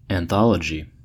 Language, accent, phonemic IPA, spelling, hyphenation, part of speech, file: English, US, /ænˈθɑləd͡ʒi/, anthology, an‧thol‧ogy, noun, En-us-anthology.ogg
- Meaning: 1. A collection of literary works, such as poems or short stories, especially a collection from various authors 2. A work or series containing various stories with no direct relation to one another